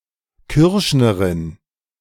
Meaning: female equivalent of Kürschner (“furrier”)
- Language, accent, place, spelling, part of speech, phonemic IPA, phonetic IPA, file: German, Germany, Berlin, Kürschnerin, noun, /ˈkʏʁʃnəʁɪn/, [ˈkʰʏɐ̯ʃnɐʁɪn], De-Kürschnerin.ogg